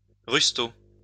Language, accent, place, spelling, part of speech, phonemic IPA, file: French, France, Lyon, rustaud, adjective / noun, /ʁys.to/, LL-Q150 (fra)-rustaud.wav
- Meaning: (adjective) crass; vulgar; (noun) a crass or vulgar person